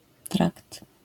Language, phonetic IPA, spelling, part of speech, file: Polish, [trakt], trakt, noun, LL-Q809 (pol)-trakt.wav